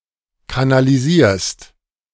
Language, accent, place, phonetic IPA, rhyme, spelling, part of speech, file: German, Germany, Berlin, [kanaliˈziːɐ̯st], -iːɐ̯st, kanalisierst, verb, De-kanalisierst.ogg
- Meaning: second-person singular present of kanalisieren